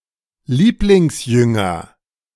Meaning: Beloved Disciple, disciple whom Jesus loved (in the Gospel of John)
- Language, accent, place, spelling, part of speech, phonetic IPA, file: German, Germany, Berlin, Lieblingsjünger, noun, [ˈliːplɪŋsˌjʏŋɐ], De-Lieblingsjünger.ogg